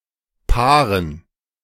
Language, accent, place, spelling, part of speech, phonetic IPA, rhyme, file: German, Germany, Berlin, Paaren, noun, [ˈpaːʁən], -aːʁən, De-Paaren.ogg
- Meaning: dative plural of Paar